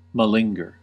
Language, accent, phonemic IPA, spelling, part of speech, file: English, US, /məˈlɪŋɡɚ/, malinger, verb, En-us-malinger.ogg
- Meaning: To feign illness, injury, or incapacitation in order to avoid work, obligation, or perilous risk